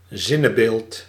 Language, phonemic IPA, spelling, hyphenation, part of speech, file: Dutch, /ˈzɪ.nəˌbeːlt/, zinnebeeld, zin‧ne‧beeld, noun, Nl-zinnebeeld.ogg
- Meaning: 1. symbol, sign 2. allegory